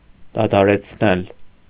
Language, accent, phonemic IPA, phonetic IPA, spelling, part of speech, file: Armenian, Eastern Armenian, /dɑtʰɑɾet͡sʰˈnel/, [dɑtʰɑɾet͡sʰnél], դադարեցնել, verb, Hy-դադարեցնել.ogg
- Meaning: causative of դադարել (dadarel): to stop, to end (to bring to an end)